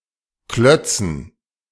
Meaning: dative plural of Klotz
- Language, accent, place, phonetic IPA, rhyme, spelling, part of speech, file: German, Germany, Berlin, [ˈklœt͡sn̩], -œt͡sn̩, Klötzen, noun, De-Klötzen.ogg